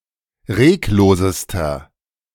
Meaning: inflection of reglos: 1. strong/mixed nominative masculine singular superlative degree 2. strong genitive/dative feminine singular superlative degree 3. strong genitive plural superlative degree
- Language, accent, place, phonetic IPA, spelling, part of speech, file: German, Germany, Berlin, [ˈʁeːkˌloːzəstɐ], reglosester, adjective, De-reglosester.ogg